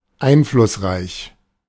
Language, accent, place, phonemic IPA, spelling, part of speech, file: German, Germany, Berlin, /ˈaɪnflʊsʁaɪç/, einflussreich, adjective, De-einflussreich.ogg
- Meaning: influential